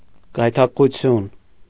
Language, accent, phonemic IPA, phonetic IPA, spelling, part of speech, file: Armenian, Eastern Armenian, /ɡɑjtʰɑkəʁuˈtʰjun/, [ɡɑjtʰɑkəʁut͡sʰjún], գայթակղություն, noun, Hy-գայթակղություն.ogg
- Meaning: 1. seduction, temptation (act) 2. temptation (something attractive, tempting or seductive)